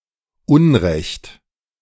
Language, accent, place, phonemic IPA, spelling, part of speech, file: German, Germany, Berlin, /ˈʔʊnʁɛçt/, unrecht, adjective, De-unrecht.ogg
- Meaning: wrong, unethical